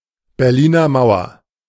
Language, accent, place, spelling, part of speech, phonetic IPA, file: German, Germany, Berlin, Berliner Mauer, phrase, [bɛʁˌliːnɐ ˈmaʊ̯ɐ], De-Berliner Mauer.ogg
- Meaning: Berlin Wall